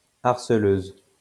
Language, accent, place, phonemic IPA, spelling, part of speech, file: French, France, Lyon, /aʁ.sə.løz/, harceleuse, noun, LL-Q150 (fra)-harceleuse.wav
- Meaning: female equivalent of harceleur